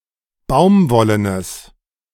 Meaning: strong/mixed nominative/accusative neuter singular of baumwollen
- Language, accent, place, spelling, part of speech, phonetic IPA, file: German, Germany, Berlin, baumwollenes, adjective, [ˈbaʊ̯mˌvɔlənəs], De-baumwollenes.ogg